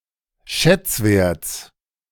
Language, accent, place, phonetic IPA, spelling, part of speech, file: German, Germany, Berlin, [ˈʃɛt͡sˌveːɐ̯təs], Schätzwertes, noun, De-Schätzwertes.ogg
- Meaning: genitive singular of Schätzwert